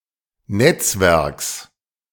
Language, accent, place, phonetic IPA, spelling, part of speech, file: German, Germany, Berlin, [ˈnɛt͡sˌvɛʁks], Netzwerks, noun, De-Netzwerks.ogg
- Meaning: genitive singular of Netzwerk